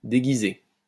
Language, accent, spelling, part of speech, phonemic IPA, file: French, France, déguiser, verb, /de.ɡi.ze/, LL-Q150 (fra)-déguiser.wav
- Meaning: 1. to disguise (change someone's appearance to make him/her look different) 2. to disguise (hide something by covering it up) 3. to disguise (oneself)